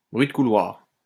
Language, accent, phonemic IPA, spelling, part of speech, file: French, France, /bʁɥi d(ə) ku.lwaʁ/, bruit de couloir, noun, LL-Q150 (fra)-bruit de couloir.wav
- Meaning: rumor